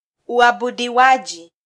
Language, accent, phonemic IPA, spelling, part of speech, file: Swahili, Kenya, /u.ɑ.ɓu.ɗiˈwɑ.ʄi/, uabudiwaji, noun, Sw-ke-uabudiwaji.flac
- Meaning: 1. worship 2. cult